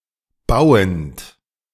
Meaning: present participle of bauen
- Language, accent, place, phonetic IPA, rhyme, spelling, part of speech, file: German, Germany, Berlin, [ˈbaʊ̯ənt], -aʊ̯ənt, bauend, verb, De-bauend.ogg